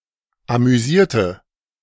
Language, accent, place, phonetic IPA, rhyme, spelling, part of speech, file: German, Germany, Berlin, [amyˈziːɐ̯tə], -iːɐ̯tə, amüsierte, adjective / verb, De-amüsierte.ogg
- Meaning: inflection of amüsieren: 1. first/third-person singular preterite 2. first/third-person singular subjunctive II